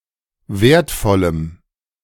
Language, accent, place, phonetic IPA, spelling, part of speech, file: German, Germany, Berlin, [ˈveːɐ̯tˌfɔləm], wertvollem, adjective, De-wertvollem.ogg
- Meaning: strong dative masculine/neuter singular of wertvoll